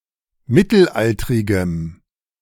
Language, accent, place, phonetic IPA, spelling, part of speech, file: German, Germany, Berlin, [ˈmɪtl̩ˌʔaltʁɪɡəm], mittelaltrigem, adjective, De-mittelaltrigem.ogg
- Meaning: strong dative masculine/neuter singular of mittelaltrig